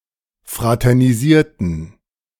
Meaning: inflection of fraternisieren: 1. first/third-person plural preterite 2. first/third-person plural subjunctive II
- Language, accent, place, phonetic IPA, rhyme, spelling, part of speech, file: German, Germany, Berlin, [ˌfʁatɛʁniˈziːɐ̯tn̩], -iːɐ̯tn̩, fraternisierten, adjective / verb, De-fraternisierten.ogg